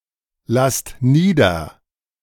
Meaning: inflection of niederlassen: 1. second-person plural present 2. plural imperative
- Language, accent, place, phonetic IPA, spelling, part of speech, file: German, Germany, Berlin, [ˌlast ˈniːdɐ], lasst nieder, verb, De-lasst nieder.ogg